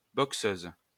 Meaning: female equivalent of boxeur
- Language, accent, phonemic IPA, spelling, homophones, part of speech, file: French, France, /bɔk.søz/, boxeuse, boxeuses, noun, LL-Q150 (fra)-boxeuse.wav